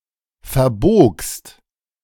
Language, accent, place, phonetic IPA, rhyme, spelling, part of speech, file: German, Germany, Berlin, [fɛɐ̯ˈboːkst], -oːkst, verbogst, verb, De-verbogst.ogg
- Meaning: second-person singular preterite of verbiegen